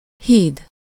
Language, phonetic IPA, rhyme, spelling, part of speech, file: Hungarian, [ˈhiːd], -iːd, híd, noun, Hu-híd.ogg
- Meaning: 1. bridge (construction or natural feature that spans a divide) 2. bridge (prosthesis replacing one or several adjacent teeth)